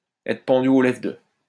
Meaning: to hang on someone's every word
- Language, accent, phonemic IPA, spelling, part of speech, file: French, France, /ɛ.tʁə pɑ̃.dy o lɛ.vʁə də/, être pendu aux lèvres de, verb, LL-Q150 (fra)-être pendu aux lèvres de.wav